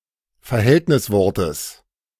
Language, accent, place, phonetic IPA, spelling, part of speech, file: German, Germany, Berlin, [fɛɐ̯ˈhɛltnɪsˌvɔʁtəs], Verhältniswortes, noun, De-Verhältniswortes.ogg
- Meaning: genitive singular of Verhältniswort